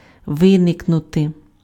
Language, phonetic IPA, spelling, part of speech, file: Ukrainian, [ˈʋɪneknʊte], виникнути, verb, Uk-виникнути.ogg
- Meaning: to arise, to crop up, to emerge, to spring up, to appear